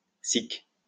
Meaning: sic (thus)
- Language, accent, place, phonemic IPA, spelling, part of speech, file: French, France, Lyon, /sik/, sic, adverb, LL-Q150 (fra)-sic.wav